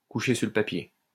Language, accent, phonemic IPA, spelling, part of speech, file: French, France, /ku.ʃe syʁ lə pa.pje/, coucher sur le papier, verb, LL-Q150 (fra)-coucher sur le papier.wav
- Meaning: to write down